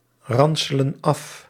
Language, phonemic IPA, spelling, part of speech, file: Dutch, /ˈrɑnsələ(n) ˈɑf/, ranselen af, verb, Nl-ranselen af.ogg
- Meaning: inflection of afranselen: 1. plural present indicative 2. plural present subjunctive